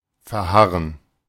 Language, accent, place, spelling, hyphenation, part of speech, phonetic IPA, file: German, Germany, Berlin, verharren, ver‧har‧ren, verb, [fɛɐ̯ˈhaʁən], De-verharren.ogg
- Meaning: to remain